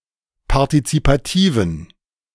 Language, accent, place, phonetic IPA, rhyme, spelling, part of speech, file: German, Germany, Berlin, [paʁtit͡sipaˈtiːvn̩], -iːvn̩, partizipativen, adjective, De-partizipativen.ogg
- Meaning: inflection of partizipativ: 1. strong genitive masculine/neuter singular 2. weak/mixed genitive/dative all-gender singular 3. strong/weak/mixed accusative masculine singular 4. strong dative plural